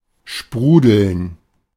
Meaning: 1. to bubble up 2. to foam up 3. to gush forth
- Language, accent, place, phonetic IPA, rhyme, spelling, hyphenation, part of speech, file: German, Germany, Berlin, [ˈʃpʁuːdl̩n], -uːdl̩n, sprudeln, spru‧deln, verb, De-sprudeln.ogg